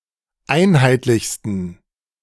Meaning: 1. superlative degree of einheitlich 2. inflection of einheitlich: strong genitive masculine/neuter singular superlative degree
- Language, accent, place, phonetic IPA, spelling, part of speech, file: German, Germany, Berlin, [ˈaɪ̯nhaɪ̯tlɪçstn̩], einheitlichsten, adjective, De-einheitlichsten.ogg